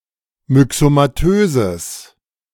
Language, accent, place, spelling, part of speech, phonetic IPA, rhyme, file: German, Germany, Berlin, myxomatöses, adjective, [mʏksomaˈtøːzəs], -øːzəs, De-myxomatöses.ogg
- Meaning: strong/mixed nominative/accusative neuter singular of myxomatös